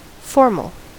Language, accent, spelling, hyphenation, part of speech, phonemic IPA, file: English, US, formal, for‧mal, adjective / noun, /ˈfɔɹməl/, En-us-formal.ogg
- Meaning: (adjective) 1. In accordance with established forms 2. Official 3. Relating to the form or structure of something 4. Relating to formation 5. Ceremonial or traditional